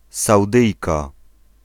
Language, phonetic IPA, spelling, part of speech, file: Polish, [sawˈdɨjka], Saudyjka, noun, Pl-Saudyjka.ogg